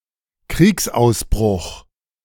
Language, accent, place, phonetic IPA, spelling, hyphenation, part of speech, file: German, Germany, Berlin, [ˈkʁiːksʔaʊ̯sˌbʁʊχ], Kriegsausbruch, Kriegs‧aus‧bruch, noun, De-Kriegsausbruch.ogg
- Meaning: outbreak of war